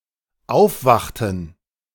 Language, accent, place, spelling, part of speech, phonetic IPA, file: German, Germany, Berlin, aufwachten, verb, [ˈaʊ̯fˌvaxtn̩], De-aufwachten.ogg
- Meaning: inflection of aufwachen: 1. first/third-person plural dependent preterite 2. first/third-person plural dependent subjunctive II